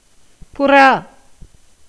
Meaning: pigeon, dove (Columbidae)
- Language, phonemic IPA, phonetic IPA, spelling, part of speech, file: Tamil, /pʊrɑː/, [pʊräː], புறா, noun, Ta-புறா.ogg